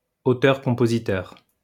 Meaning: songwriter
- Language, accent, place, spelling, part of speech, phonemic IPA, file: French, France, Lyon, auteur-compositeur, noun, /o.tœʁ.kɔ̃.po.zi.tœʁ/, LL-Q150 (fra)-auteur-compositeur.wav